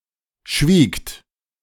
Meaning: second-person plural preterite of schweigen
- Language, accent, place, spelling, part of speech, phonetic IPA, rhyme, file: German, Germany, Berlin, schwiegt, verb, [ʃviːkt], -iːkt, De-schwiegt.ogg